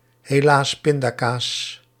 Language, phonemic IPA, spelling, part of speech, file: Dutch, /heˈlas ˈpɪndaˌkas/, helaas pindakaas, interjection, Nl-helaas pindakaas.ogg
- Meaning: too bad; oh well; too bad, so sad